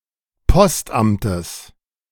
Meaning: genitive singular of Postamt
- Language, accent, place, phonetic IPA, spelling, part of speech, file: German, Germany, Berlin, [ˈpɔstˌʔamtəs], Postamtes, noun, De-Postamtes.ogg